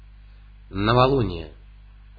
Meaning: new moon
- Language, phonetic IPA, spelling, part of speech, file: Russian, [nəvɐˈɫunʲɪje], новолуние, noun, Ru-новолуние.ogg